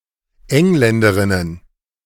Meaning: plural of Engländerin
- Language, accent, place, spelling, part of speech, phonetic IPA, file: German, Germany, Berlin, Engländerinnen, noun, [ˈɛŋlɛndəʁɪnən], De-Engländerinnen.ogg